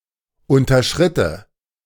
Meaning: first/third-person singular subjunctive II of unterschreiten
- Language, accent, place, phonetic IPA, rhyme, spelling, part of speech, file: German, Germany, Berlin, [ˌʊntɐˈʃʁɪtə], -ɪtə, unterschritte, verb, De-unterschritte.ogg